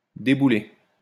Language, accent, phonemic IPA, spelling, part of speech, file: French, France, /de.bu.le/, débouler, verb, LL-Q150 (fra)-débouler.wav
- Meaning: 1. to tumble down, fall down 2. to turn up, show up, drop in